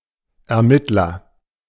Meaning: investigator, detective
- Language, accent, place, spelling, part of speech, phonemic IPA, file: German, Germany, Berlin, Ermittler, noun, /ɛɐ̯ˈmɪtlɐ/, De-Ermittler.ogg